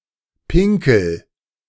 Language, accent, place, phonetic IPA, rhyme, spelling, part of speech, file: German, Germany, Berlin, [ˈpɪŋkl̩], -ɪŋkl̩, pinkel, verb, De-pinkel.ogg
- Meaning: inflection of pinkeln: 1. first-person singular present 2. singular imperative